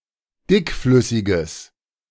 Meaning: strong/mixed nominative/accusative neuter singular of dickflüssig
- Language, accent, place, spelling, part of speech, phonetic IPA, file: German, Germany, Berlin, dickflüssiges, adjective, [ˈdɪkˌflʏsɪɡəs], De-dickflüssiges.ogg